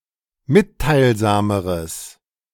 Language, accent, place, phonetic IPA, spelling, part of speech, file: German, Germany, Berlin, [ˈmɪttaɪ̯lˌzaːməʁəs], mitteilsameres, adjective, De-mitteilsameres.ogg
- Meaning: strong/mixed nominative/accusative neuter singular comparative degree of mitteilsam